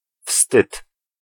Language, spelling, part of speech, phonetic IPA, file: Polish, wstyd, noun, [fstɨt], Pl-wstyd.ogg